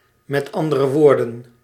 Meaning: abbreviation of met andere woorden (“in other words”)
- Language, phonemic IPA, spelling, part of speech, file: Dutch, /mɛtˈɑndərəˌwordə(n)/, m.a.w., conjunction, Nl-m.a.w..ogg